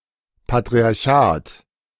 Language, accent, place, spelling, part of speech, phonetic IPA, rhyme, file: German, Germany, Berlin, Patriarchat, noun, [patʁiaʁˈçaːt], -aːt, De-Patriarchat.ogg
- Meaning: 1. patriarchy 2. patriarchate